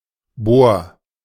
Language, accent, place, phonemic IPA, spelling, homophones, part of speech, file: German, Germany, Berlin, /boːr/, Bor, bohr, noun, De-Bor.ogg
- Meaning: boron